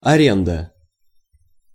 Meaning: 1. lease, rent 2. leasehold
- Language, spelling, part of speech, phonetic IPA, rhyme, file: Russian, аренда, noun, [ɐˈrʲendə], -endə, Ru-аренда.ogg